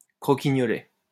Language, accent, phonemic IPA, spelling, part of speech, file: French, France, /kʁɔ.ki.ɲɔ.lɛ/, croquignolet, adjective, LL-Q150 (fra)-croquignolet.wav
- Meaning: cute; cutesy